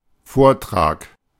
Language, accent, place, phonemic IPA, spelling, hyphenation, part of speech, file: German, Germany, Berlin, /ˈfoːɐ̯ˌtʁaːk/, Vortrag, Vor‧trag, noun, De-Vortrag.ogg
- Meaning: talk, lecture